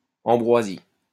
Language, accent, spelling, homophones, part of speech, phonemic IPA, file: French, France, ambroisie, ambroisies, noun, /ɑ̃.bʁwa.zi/, LL-Q150 (fra)-ambroisie.wav
- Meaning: 1. ambrosia 2. ambrosia, a food with a delicious flavour